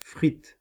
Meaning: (verb) feminine singular of frit; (noun) 1. chips, French fries 2. pool noodle
- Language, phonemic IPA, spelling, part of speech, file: French, /fʁit/, frite, verb / noun, Fr-frite.ogg